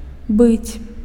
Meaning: 1. to be 2. used to form the future tense of imperfect verbs 3. used to form the pluperfect tense of perfect verbs
- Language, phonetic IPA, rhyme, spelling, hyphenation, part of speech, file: Belarusian, [bɨt͡sʲ], -ɨt͡sʲ, быць, быць, verb, Be-быць.ogg